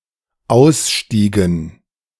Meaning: dative plural of Ausstieg
- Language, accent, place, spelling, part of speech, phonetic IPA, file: German, Germany, Berlin, Ausstiegen, noun, [ˈaʊ̯sˌʃtiːɡn̩], De-Ausstiegen.ogg